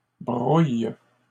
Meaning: second-person singular present indicative/subjunctive of brouiller
- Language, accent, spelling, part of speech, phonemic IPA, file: French, Canada, brouilles, verb, /bʁuj/, LL-Q150 (fra)-brouilles.wav